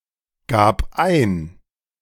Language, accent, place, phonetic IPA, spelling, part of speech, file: German, Germany, Berlin, [ˌɡaːp ˈaɪ̯n], gab ein, verb, De-gab ein.ogg
- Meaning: first/third-person singular preterite of eingeben